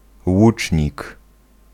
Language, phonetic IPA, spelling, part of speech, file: Polish, [ˈwut͡ʃʲɲik], łucznik, noun, Pl-łucznik.ogg